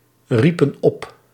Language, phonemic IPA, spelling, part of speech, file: Dutch, /ˈripə(n) ˈɔp/, riepen op, verb, Nl-riepen op.ogg
- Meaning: inflection of oproepen: 1. plural past indicative 2. plural past subjunctive